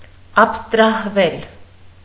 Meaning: mediopassive of աբստրահել (abstrahel)
- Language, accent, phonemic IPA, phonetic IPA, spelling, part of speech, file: Armenian, Eastern Armenian, /ɑpʰstɾɑhˈvel/, [ɑpʰstɾɑhvél], աբստրահվել, verb, Hy-աբստրահվել.ogg